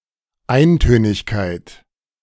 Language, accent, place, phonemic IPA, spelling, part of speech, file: German, Germany, Berlin, /ˈaɪ̯ntøːnɪçkaɪ̯t/, Eintönigkeit, noun, De-Eintönigkeit.ogg
- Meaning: monotony